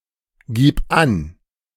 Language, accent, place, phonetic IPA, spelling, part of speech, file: German, Germany, Berlin, [ˌɡiːp ˈan], gib an, verb, De-gib an.ogg
- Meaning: singular imperative of angeben